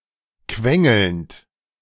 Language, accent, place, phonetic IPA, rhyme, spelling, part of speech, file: German, Germany, Berlin, [ˈkvɛŋl̩nt], -ɛŋl̩nt, quengelnd, verb, De-quengelnd.ogg
- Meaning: present participle of quengeln